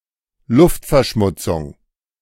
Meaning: air pollution
- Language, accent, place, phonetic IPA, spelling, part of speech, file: German, Germany, Berlin, [ˈlʊftfɛɐ̯ˌʃmʊt͡sʊŋ], Luftverschmutzung, noun, De-Luftverschmutzung.ogg